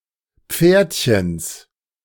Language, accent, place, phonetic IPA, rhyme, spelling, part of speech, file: German, Germany, Berlin, [ˈp͡feːɐ̯tçəns], -eːɐ̯tçəns, Pferdchens, noun, De-Pferdchens.ogg
- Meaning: genitive of Pferdchen